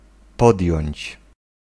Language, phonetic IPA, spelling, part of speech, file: Polish, [ˈpɔdʲjɔ̇̃ɲt͡ɕ], podjąć, verb, Pl-podjąć.ogg